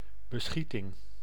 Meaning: 1. a shooting, an act of shooting at someone 2. a cover of planks
- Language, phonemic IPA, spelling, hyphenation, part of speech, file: Dutch, /bəˈsxi.tɪŋ/, beschieting, be‧schie‧ting, noun, Nl-beschieting.ogg